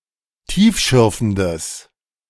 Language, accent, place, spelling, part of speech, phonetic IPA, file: German, Germany, Berlin, tiefschürfendes, adjective, [ˈtiːfˌʃʏʁfn̩dəs], De-tiefschürfendes.ogg
- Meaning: strong/mixed nominative/accusative neuter singular of tiefschürfend